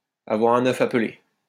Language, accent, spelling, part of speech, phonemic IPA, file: French, France, avoir un œuf à peler, verb, /a.vwaʁ œ̃.n‿œf a p(ə).le/, LL-Q150 (fra)-avoir un œuf à peler.wav
- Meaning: to have a score to settle